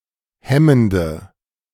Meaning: inflection of hemmend: 1. strong/mixed nominative/accusative feminine singular 2. strong nominative/accusative plural 3. weak nominative all-gender singular 4. weak accusative feminine/neuter singular
- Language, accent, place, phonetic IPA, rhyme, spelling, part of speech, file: German, Germany, Berlin, [ˈhɛməndə], -ɛməndə, hemmende, adjective, De-hemmende.ogg